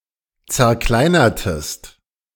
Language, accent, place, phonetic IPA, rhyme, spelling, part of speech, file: German, Germany, Berlin, [t͡sɛɐ̯ˈklaɪ̯nɐtəst], -aɪ̯nɐtəst, zerkleinertest, verb, De-zerkleinertest.ogg
- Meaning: inflection of zerkleinern: 1. second-person singular preterite 2. second-person singular subjunctive II